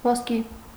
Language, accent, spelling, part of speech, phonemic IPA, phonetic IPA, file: Armenian, Eastern Armenian, ոսկի, noun / adjective, /vosˈki/, [voskí], Hy-ոսկի.ogg
- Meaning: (noun) 1. gold 2. gold coin; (adjective) golden